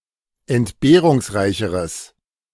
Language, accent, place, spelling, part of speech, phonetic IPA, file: German, Germany, Berlin, entbehrungsreicheres, adjective, [ɛntˈbeːʁʊŋsˌʁaɪ̯çəʁəs], De-entbehrungsreicheres.ogg
- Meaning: strong/mixed nominative/accusative neuter singular comparative degree of entbehrungsreich